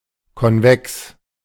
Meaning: convex
- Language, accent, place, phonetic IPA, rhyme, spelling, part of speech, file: German, Germany, Berlin, [kɔnˈvɛks], -ɛks, konvex, adjective, De-konvex.ogg